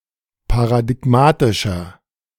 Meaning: 1. comparative degree of paradigmatisch 2. inflection of paradigmatisch: strong/mixed nominative masculine singular 3. inflection of paradigmatisch: strong genitive/dative feminine singular
- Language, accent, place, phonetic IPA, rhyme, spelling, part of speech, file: German, Germany, Berlin, [paʁadɪˈɡmaːtɪʃɐ], -aːtɪʃɐ, paradigmatischer, adjective, De-paradigmatischer.ogg